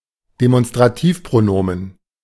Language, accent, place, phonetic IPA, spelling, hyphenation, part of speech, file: German, Germany, Berlin, [demɔnstraˈtiːfpʀoˌnoːmən], Demonstrativpronomen, De‧mon‧stra‧tiv‧pro‧no‧men, noun, De-Demonstrativpronomen.ogg
- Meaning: a demonstrative pronoun (a pronoun which replaces a noun), such as dieser in the sentence dieser ist rot (this one is red)